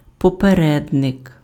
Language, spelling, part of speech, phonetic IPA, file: Ukrainian, попередник, noun, [pɔpeˈrɛdnek], Uk-попередник.ogg
- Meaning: 1. predecessor 2. precursor, forerunner